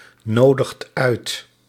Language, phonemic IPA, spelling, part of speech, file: Dutch, /ˈnodəxt ˈœyt/, nodigt uit, verb, Nl-nodigt uit.ogg
- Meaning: inflection of uitnodigen: 1. second/third-person singular present indicative 2. plural imperative